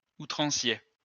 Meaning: excessive
- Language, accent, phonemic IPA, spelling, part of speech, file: French, France, /u.tʁɑ̃.sje/, outrancier, adjective, LL-Q150 (fra)-outrancier.wav